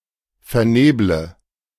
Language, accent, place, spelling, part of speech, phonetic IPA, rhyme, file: German, Germany, Berlin, verneble, verb, [fɛɐ̯ˈneːblə], -eːblə, De-verneble.ogg
- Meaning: inflection of vernebeln: 1. first-person singular present 2. first/third-person singular subjunctive I 3. singular imperative